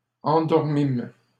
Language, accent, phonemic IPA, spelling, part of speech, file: French, Canada, /ɑ̃.dɔʁ.mim/, endormîmes, verb, LL-Q150 (fra)-endormîmes.wav
- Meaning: first-person plural past historic of endormir